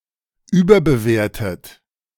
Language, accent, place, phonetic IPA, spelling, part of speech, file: German, Germany, Berlin, [ˈyːbɐbəˌveːɐ̯tət], überbewertet, verb, De-überbewertet.ogg
- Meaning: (verb) past participle of überbewerten; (adjective) overrated; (verb) inflection of überbewerten: 1. third-person singular present 2. second-person plural present 3. second-person plural subjunctive I